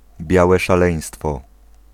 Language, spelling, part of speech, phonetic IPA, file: Polish, białe szaleństwo, noun, [ˈbʲjawɛ ʃaˈlɛ̃j̃stfɔ], Pl-białe szaleństwo.ogg